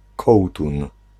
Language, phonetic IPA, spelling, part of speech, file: Polish, [ˈkɔwtũn], kołtun, noun, Pl-kołtun.ogg